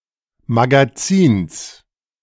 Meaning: genitive singular of Magazin
- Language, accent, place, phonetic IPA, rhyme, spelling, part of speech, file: German, Germany, Berlin, [maɡaˈt͡siːns], -iːns, Magazins, noun, De-Magazins.ogg